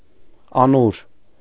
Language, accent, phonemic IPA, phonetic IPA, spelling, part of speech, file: Armenian, Eastern Armenian, /ɑˈnuɾ/, [ɑnúɾ], անուր, noun, Hy-անուր.ogg
- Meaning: 1. collar (for animals) 2. oppression, yoke